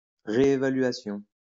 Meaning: reevaluation
- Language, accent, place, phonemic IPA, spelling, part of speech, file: French, France, Lyon, /ʁe.e.va.lɥa.sjɔ̃/, réévaluation, noun, LL-Q150 (fra)-réévaluation.wav